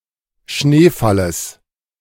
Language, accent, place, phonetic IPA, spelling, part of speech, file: German, Germany, Berlin, [ˈʃneːˌfaləs], Schneefalles, noun, De-Schneefalles.ogg
- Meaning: genitive singular of Schneefall